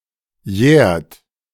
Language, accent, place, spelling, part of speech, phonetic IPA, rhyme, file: German, Germany, Berlin, jährt, verb, [jɛːɐ̯t], -ɛːɐ̯t, De-jährt.ogg
- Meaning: inflection of jähren: 1. second-person plural present 2. third-person singular present 3. plural imperative